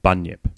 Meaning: 1. A mythical Australian monster, said to inhabit swamps and lagoons 2. An imposter or con-man 3. Ellipsis of bunyip bird
- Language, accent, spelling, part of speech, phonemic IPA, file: English, Australia, bunyip, noun, /ˈbʌnjɪp/, En-au-bunyip.ogg